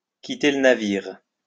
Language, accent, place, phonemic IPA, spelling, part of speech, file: French, France, Lyon, /ki.te l(ə) na.viʁ/, quitter le navire, verb, LL-Q150 (fra)-quitter le navire.wav
- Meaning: 1. to abandon ship, to jump ship (to leave or forsake a ship due to its impending doom) 2. to abandon ship (to leave a person or organization when things become difficult)